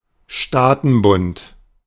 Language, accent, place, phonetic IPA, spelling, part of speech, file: German, Germany, Berlin, [ˈʃtaːtn̩ˌbʊnt], Staatenbund, noun, De-Staatenbund.ogg
- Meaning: confederation, confederacy